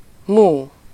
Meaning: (interjection) moo (the characteristic sound made by a cow); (noun) moo (sound of a cow)
- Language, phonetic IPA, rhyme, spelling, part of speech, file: Hungarian, [ˈmuː], -muː, mú, interjection / noun, Hu-mú.ogg